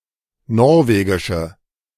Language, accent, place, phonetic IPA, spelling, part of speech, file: German, Germany, Berlin, [ˈnɔʁveːɡɪʃə], norwegische, adjective, De-norwegische.ogg
- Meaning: inflection of norwegisch: 1. strong/mixed nominative/accusative feminine singular 2. strong nominative/accusative plural 3. weak nominative all-gender singular